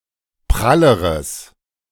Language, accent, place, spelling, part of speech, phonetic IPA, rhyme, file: German, Germany, Berlin, pralleres, adjective, [ˈpʁaləʁəs], -aləʁəs, De-pralleres.ogg
- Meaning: strong/mixed nominative/accusative neuter singular comparative degree of prall